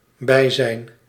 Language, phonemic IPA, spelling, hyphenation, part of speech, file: Dutch, /ˈbɛi̯.zɛi̯n/, bijzijn, bij‧zijn, noun, Nl-bijzijn.ogg
- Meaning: presence